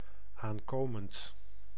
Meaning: present participle of aankomen
- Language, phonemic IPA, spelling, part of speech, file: Dutch, /aŋˈkomənt/, aankomend, adjective / verb, Nl-aankomend.ogg